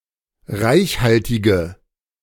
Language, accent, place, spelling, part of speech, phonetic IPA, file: German, Germany, Berlin, reichhaltige, adjective, [ˈʁaɪ̯çˌhaltɪɡə], De-reichhaltige.ogg
- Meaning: inflection of reichhaltig: 1. strong/mixed nominative/accusative feminine singular 2. strong nominative/accusative plural 3. weak nominative all-gender singular